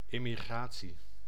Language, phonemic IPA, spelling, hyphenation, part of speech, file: Dutch, /ˌɪ.miˈɣraː.(t)si/, immigratie, im‧mi‧gra‧tie, noun, Nl-immigratie.ogg
- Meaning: immigration